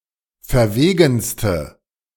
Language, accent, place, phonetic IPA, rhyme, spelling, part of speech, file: German, Germany, Berlin, [fɛɐ̯ˈveːɡn̩stə], -eːɡn̩stə, verwegenste, adjective, De-verwegenste.ogg
- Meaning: inflection of verwegen: 1. strong/mixed nominative/accusative feminine singular superlative degree 2. strong nominative/accusative plural superlative degree